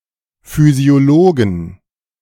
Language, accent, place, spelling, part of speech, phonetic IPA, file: German, Germany, Berlin, Physiologen, noun, [ˌfyːzi̯oˈloːɡŋ̩], De-Physiologen.ogg
- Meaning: 1. genitive singular of Physiologe 2. plural of Physiologe